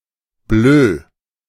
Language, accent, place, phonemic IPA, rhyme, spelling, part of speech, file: German, Germany, Berlin, /bløː/, -øː, bleu, adjective, De-bleu.ogg
- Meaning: light blue